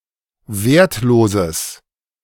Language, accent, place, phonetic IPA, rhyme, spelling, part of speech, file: German, Germany, Berlin, [ˈveːɐ̯tˌloːzəs], -eːɐ̯tloːzəs, wertloses, adjective, De-wertloses.ogg
- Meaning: strong/mixed nominative/accusative neuter singular of wertlos